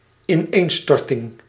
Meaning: collapse, breakdown
- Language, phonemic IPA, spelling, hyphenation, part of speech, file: Dutch, /ɪˈnenstɔrtɪŋ/, ineenstorting, in‧een‧stor‧ting, noun, Nl-ineenstorting.ogg